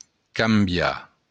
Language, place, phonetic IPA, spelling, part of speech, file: Occitan, Béarn, [kamˈbja], cambiar, verb, LL-Q14185 (oci)-cambiar.wav
- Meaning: to change, to modify